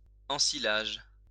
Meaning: ensilage
- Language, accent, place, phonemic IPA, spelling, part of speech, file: French, France, Lyon, /ɑ̃.si.laʒ/, ensilage, noun, LL-Q150 (fra)-ensilage.wav